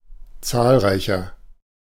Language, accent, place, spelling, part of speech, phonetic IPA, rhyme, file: German, Germany, Berlin, zahlreicher, adjective, [ˈt͡saːlˌʁaɪ̯çɐ], -aːlʁaɪ̯çɐ, De-zahlreicher.ogg
- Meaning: inflection of zahlreich: 1. strong/mixed nominative masculine singular 2. strong genitive/dative feminine singular 3. strong genitive plural